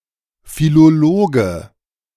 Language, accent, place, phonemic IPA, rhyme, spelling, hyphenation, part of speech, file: German, Germany, Berlin, /filoˈloːɡə/, -oːɡə, Philologe, Phi‧lo‧lo‧ge, noun, De-Philologe.ogg
- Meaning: philologist (male or of unspecified gender)